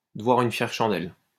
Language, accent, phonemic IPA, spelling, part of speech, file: French, France, /də.vwa.ʁ‿yn fjɛʁ ʃɑ̃.dɛl/, devoir une fière chandelle, verb, LL-Q150 (fra)-devoir une fière chandelle.wav
- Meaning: to owe (someone) one